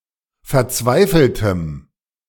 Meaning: strong dative masculine/neuter singular of verzweifelt
- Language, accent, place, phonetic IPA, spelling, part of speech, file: German, Germany, Berlin, [fɛɐ̯ˈt͡svaɪ̯fl̩təm], verzweifeltem, adjective, De-verzweifeltem.ogg